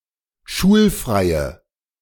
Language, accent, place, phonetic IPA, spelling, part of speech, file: German, Germany, Berlin, [ˈʃuːlˌfʁaɪ̯ə], schulfreie, adjective, De-schulfreie.ogg
- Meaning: inflection of schulfrei: 1. strong/mixed nominative/accusative feminine singular 2. strong nominative/accusative plural 3. weak nominative all-gender singular